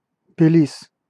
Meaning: 1. Belize (an English-speaking country in Central America, formerly called British Honduras) 2. Belize City (the largest city and former capital of Belize)
- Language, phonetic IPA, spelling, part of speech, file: Russian, [bʲɪˈlʲis], Белиз, proper noun, Ru-Белиз.ogg